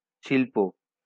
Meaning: 1. art, craft 2. industry
- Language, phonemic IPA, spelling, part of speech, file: Bengali, /ʃil.po/, শিল্প, noun, LL-Q9610 (ben)-শিল্প.wav